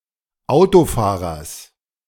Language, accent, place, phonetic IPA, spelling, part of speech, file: German, Germany, Berlin, [ˈaʊ̯toˌfaːʁɐs], Autofahrers, noun, De-Autofahrers.ogg
- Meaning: genitive singular of Autofahrer